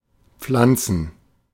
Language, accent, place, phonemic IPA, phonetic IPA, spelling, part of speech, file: German, Germany, Berlin, /ˈpflantsən/, [ˈp͡flant͡sn̩], pflanzen, verb, De-pflanzen.ogg
- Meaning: 1. to plant 2. to cully, to put one over